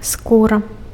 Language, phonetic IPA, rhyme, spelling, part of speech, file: Belarusian, [ˈskura], -ura, скура, noun, Be-скура.ogg
- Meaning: skin